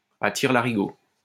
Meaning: without limitation, excessively; left and right, like crazy
- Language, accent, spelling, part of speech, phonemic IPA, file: French, France, à tire-larigot, adverb, /a tiʁ.la.ʁi.ɡo/, LL-Q150 (fra)-à tire-larigot.wav